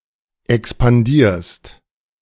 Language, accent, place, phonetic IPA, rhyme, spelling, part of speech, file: German, Germany, Berlin, [ɛkspanˈdiːɐ̯st], -iːɐ̯st, expandierst, verb, De-expandierst.ogg
- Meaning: second-person singular present of expandieren